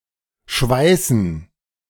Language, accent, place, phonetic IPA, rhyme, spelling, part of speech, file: German, Germany, Berlin, [ˈʃvaɪ̯sn̩], -aɪ̯sn̩, Schweißen, noun, De-Schweißen.ogg
- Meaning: gerund of schweißen; welding